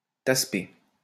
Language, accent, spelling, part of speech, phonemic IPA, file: French, France, tassepé, noun, /tas.pe/, LL-Q150 (fra)-tassepé.wav
- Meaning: whore, prostitute; bitch